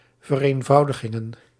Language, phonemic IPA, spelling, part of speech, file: Dutch, /vəreɱˈvɑudəɣɪŋə(n)/, vereenvoudigingen, noun, Nl-vereenvoudigingen.ogg
- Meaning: plural of vereenvoudiging